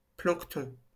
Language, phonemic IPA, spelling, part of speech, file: French, /plɑ̃k.tɔ̃/, plancton, noun, LL-Q150 (fra)-plancton.wav
- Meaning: plankton